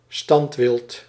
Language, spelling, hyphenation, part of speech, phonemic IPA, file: Dutch, standwild, stand‧wild, noun, /ˈstɑnt.ʋɪlt/, Nl-standwild.ogg
- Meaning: sedentary wild animals (wild animals of a non-migratory population)